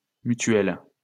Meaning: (noun) member-owned insurance or financial institution; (adjective) feminine singular of mutuel
- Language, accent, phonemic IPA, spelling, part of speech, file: French, France, /my.tɥɛl/, mutuelle, noun / adjective, LL-Q150 (fra)-mutuelle.wav